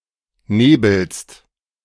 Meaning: second-person singular present of nebeln
- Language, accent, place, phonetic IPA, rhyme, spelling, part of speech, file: German, Germany, Berlin, [ˈneːbl̩st], -eːbl̩st, nebelst, verb, De-nebelst.ogg